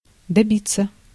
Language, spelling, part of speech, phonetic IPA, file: Russian, добиться, verb, [dɐˈbʲit͡sːə], Ru-добиться.ogg
- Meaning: 1. to (try to) achieve, to attain, to get, to reach 2. to find out 3. passive of доби́ть (dobítʹ)